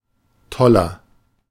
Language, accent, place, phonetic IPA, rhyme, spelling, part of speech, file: German, Germany, Berlin, [ˈtɔlɐ], -ɔlɐ, toller, adjective, De-toller.ogg
- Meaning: inflection of toll: 1. strong/mixed nominative masculine singular 2. strong genitive/dative feminine singular 3. strong genitive plural